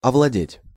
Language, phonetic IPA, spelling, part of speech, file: Russian, [ɐvɫɐˈdʲetʲ], овладеть, verb, Ru-овладеть.ogg
- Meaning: 1. to seize, to capture, to become the owner of 2. to overcome 3. to get control over, to dominate 4. to master, to become proficient at